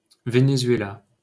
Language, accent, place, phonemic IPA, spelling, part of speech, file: French, France, Paris, /ve.ne.zɥe.la/, Venezuela, proper noun, LL-Q150 (fra)-Venezuela.wav
- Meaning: Venezuela (a country in South America)